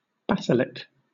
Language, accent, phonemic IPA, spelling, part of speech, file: English, Southern England, /ˈbæsɪlɪk/, basilic, noun, LL-Q1860 (eng)-basilic.wav
- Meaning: A basilica